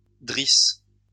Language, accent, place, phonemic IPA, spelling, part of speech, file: French, France, Lyon, /dʁis/, drisse, noun, LL-Q150 (fra)-drisse.wav
- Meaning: halyard